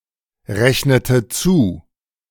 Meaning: inflection of zurechnen: 1. first/third-person singular preterite 2. first/third-person singular subjunctive II
- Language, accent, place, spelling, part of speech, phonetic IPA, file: German, Germany, Berlin, rechnete zu, verb, [ˌʁɛçnətə ˈt͡suː], De-rechnete zu.ogg